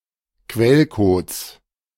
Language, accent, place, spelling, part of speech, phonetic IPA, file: German, Germany, Berlin, Quellcodes, noun, [ˈkvɛlkoːt͡s], De-Quellcodes.ogg
- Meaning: 1. genitive singular of Quellcode 2. plural of Quellcode